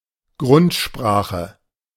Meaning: 1. proto-language 2. basic language, the basics of a language
- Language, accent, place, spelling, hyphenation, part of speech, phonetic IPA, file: German, Germany, Berlin, Grundsprache, Grund‧spra‧che, noun, [ˈɡʁʊntˌʃpʁaːχə], De-Grundsprache.ogg